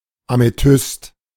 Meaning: amethyst
- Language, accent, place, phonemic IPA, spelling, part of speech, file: German, Germany, Berlin, /ameˈtʏst/, Amethyst, noun, De-Amethyst.ogg